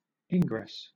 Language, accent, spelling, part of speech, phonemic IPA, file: English, Southern England, ingress, noun, /ˈɪŋɡɹɛs/, LL-Q1860 (eng)-ingress.wav
- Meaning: 1. The act of entering 2. A permission to enter 3. A door or other means of entering 4. The entrance of the Moon into the shadow of the Earth in eclipses, or the Sun's entrance into a sign, etc